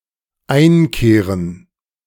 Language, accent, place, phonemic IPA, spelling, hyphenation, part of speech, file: German, Germany, Berlin, /ˈaɪ̯nˌkeːʁən/, einkehren, ein‧keh‧ren, verb, De-einkehren.ogg
- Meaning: 1. to sojourn 2. to come